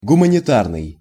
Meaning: humanitarian
- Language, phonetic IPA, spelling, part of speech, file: Russian, [ɡʊmənʲɪˈtarnɨj], гуманитарный, adjective, Ru-гуманитарный.ogg